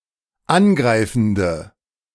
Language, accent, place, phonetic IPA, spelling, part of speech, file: German, Germany, Berlin, [ˈanˌɡʁaɪ̯fn̩də], angreifende, adjective, De-angreifende.ogg
- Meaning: inflection of angreifend: 1. strong/mixed nominative/accusative feminine singular 2. strong nominative/accusative plural 3. weak nominative all-gender singular